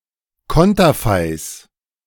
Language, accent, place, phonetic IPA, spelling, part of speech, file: German, Germany, Berlin, [ˈkɔntɐfaɪ̯s], Konterfeis, noun, De-Konterfeis.ogg
- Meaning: plural of Konterfei